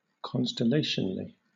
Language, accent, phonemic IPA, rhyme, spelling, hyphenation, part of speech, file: English, Southern England, /ˌkɒnstəˈleɪʃənəli/, -eɪʃənəli, constellationally, con‧stel‧lat‧ion‧al‧ly, adverb, LL-Q1860 (eng)-constellationally.wav